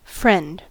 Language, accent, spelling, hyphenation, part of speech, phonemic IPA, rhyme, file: English, General American, friend, friend, noun / verb, /fɹɛnd/, -ɛnd, En-us-friend.ogg
- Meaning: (noun) 1. A person, typically someone other than a family member, spouse or lover, whose company one enjoys and towards whom one feels affection 2. An associate who provides assistance; patron, mentor